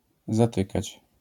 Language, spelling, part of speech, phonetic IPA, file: Polish, zatykać, verb, [zaˈtɨkat͡ɕ], LL-Q809 (pol)-zatykać.wav